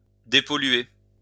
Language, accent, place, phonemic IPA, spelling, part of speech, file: French, France, Lyon, /de.pɔ.lɥe/, dépolluer, verb, LL-Q150 (fra)-dépolluer.wav
- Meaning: to depollute